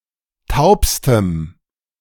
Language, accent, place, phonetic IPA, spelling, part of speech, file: German, Germany, Berlin, [ˈtaʊ̯pstəm], taubstem, adjective, De-taubstem.ogg
- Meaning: strong dative masculine/neuter singular superlative degree of taub